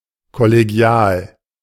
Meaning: 1. collegial 2. cooperative (between colleagues)
- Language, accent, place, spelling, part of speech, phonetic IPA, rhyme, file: German, Germany, Berlin, kollegial, adjective, [kɔleˈɡi̯aːl], -aːl, De-kollegial.ogg